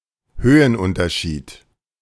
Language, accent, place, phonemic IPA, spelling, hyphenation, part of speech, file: German, Germany, Berlin, /ˈhøːənˌʔʊntɐʃiːt/, Höhenunterschied, Hö‧hen‧un‧ter‧schied, noun, De-Höhenunterschied.ogg
- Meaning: drop (difference in altitude)